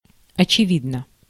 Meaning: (adverb) apparently, obviously; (adjective) short neuter singular of очеви́дный (očevídnyj)
- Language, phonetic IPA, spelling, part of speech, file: Russian, [ɐt͡ɕɪˈvʲidnə], очевидно, adverb / adjective, Ru-очевидно.ogg